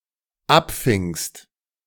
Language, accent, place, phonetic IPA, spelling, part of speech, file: German, Germany, Berlin, [ˈapˌfɪŋst], abfingst, verb, De-abfingst.ogg
- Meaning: second-person singular dependent preterite of abfangen